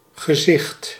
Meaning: 1. seeing, the ability to observe visually, vision, sight 2. face, front-side of a head 3. sight, visual impression, view, vision 4. vision, experience of an appearance 5. figurehead
- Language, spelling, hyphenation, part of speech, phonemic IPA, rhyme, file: Dutch, gezicht, ge‧zicht, noun, /ɣəˈzɪxt/, -ɪxt, Nl-gezicht.ogg